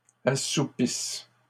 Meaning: second-person singular present/imperfect subjunctive of assoupir
- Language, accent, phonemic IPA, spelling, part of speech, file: French, Canada, /a.su.pis/, assoupisses, verb, LL-Q150 (fra)-assoupisses.wav